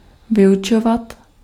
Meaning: to teach
- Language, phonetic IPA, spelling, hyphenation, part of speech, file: Czech, [ˈvɪjut͡ʃovat], vyučovat, vy‧učo‧vat, verb, Cs-vyučovat.ogg